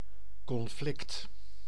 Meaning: a conflict, clash or dispute
- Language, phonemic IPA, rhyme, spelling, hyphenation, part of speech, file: Dutch, /kɔnˈflɪkt/, -ɪkt, conflict, con‧flict, noun, Nl-conflict.ogg